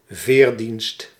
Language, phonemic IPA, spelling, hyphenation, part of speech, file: Dutch, /ˈveːr.dinst/, veerdienst, veer‧dienst, noun, Nl-veerdienst.ogg
- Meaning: ferry service